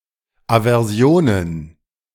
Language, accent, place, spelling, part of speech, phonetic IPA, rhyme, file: German, Germany, Berlin, Aversionen, noun, [avɛʁˈzi̯oːnən], -oːnən, De-Aversionen.ogg
- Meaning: plural of Aversion